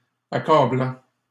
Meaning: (verb) present participle of accabler; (adjective) 1. overwhelming 2. damning
- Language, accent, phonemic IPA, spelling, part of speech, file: French, Canada, /a.ka.blɑ̃/, accablant, verb / adjective, LL-Q150 (fra)-accablant.wav